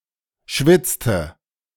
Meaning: inflection of schwitzen: 1. first/third-person singular preterite 2. first/third-person singular subjunctive II
- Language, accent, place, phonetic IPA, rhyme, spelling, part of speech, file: German, Germany, Berlin, [ˈʃvɪt͡stə], -ɪt͡stə, schwitzte, verb, De-schwitzte.ogg